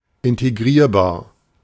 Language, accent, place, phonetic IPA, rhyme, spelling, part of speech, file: German, Germany, Berlin, [ɪnteˈɡʁiːɐ̯baːɐ̯], -iːɐ̯baːɐ̯, integrierbar, adjective, De-integrierbar.ogg
- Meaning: 1. able to be integrated 2. able to be integrated, integrable